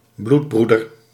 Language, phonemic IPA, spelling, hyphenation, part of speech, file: Dutch, /ˈblutˌbru.dər/, bloedbroeder, bloed‧broe‧der, noun, Nl-bloedbroeder.ogg
- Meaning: blood brother (friend with whom one has ceremonially shared blood)